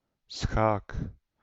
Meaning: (noun) 1. chess 2. check; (interjection) check; said when one can strike the opponent's king in chess, but the opponent can still make moves to prevent the king from being taken
- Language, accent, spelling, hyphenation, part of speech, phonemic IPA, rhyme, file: Dutch, Netherlands, schaak, schaak, noun / interjection / verb, /sxaːk/, -aːk, Nl-schaak.ogg